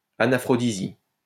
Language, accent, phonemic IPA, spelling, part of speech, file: French, France, /a.na.fʁɔ.di.zi/, anaphrodisie, noun, LL-Q150 (fra)-anaphrodisie.wav
- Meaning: anaphrodisia